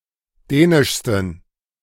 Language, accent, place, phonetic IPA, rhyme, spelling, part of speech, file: German, Germany, Berlin, [ˈdɛːnɪʃstn̩], -ɛːnɪʃstn̩, dänischsten, adjective, De-dänischsten.ogg
- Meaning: 1. superlative degree of dänisch 2. inflection of dänisch: strong genitive masculine/neuter singular superlative degree